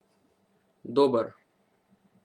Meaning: good
- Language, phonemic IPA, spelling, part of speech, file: Slovenian, /dòːbər/, dober, adjective, Sl-dober.ogg